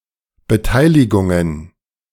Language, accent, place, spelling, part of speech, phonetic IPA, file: German, Germany, Berlin, Beteiligungen, noun, [bəˈtaɪ̯lɪɡʊŋən], De-Beteiligungen.ogg
- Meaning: plural of Beteiligung